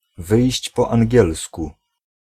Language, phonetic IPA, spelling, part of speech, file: Polish, [ˈvɨjɕt͡ɕ ˌpɔ‿ãŋʲˈɟɛlsku], wyjść po angielsku, phrase, Pl-wyjść po angielsku.ogg